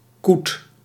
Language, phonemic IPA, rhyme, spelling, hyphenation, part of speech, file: Dutch, /kut/, -ut, koet, koet, noun, Nl-koet.ogg
- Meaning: 1. a coot; any bird of genus Fulica 2. synonym of meerkoet (“Eurasian coot, Fulica atra”)